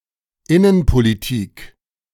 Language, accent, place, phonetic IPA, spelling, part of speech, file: German, Germany, Berlin, [ˈɪnənpoliˌtiːk], Innenpolitik, noun, De-Innenpolitik.ogg
- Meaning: domestic policy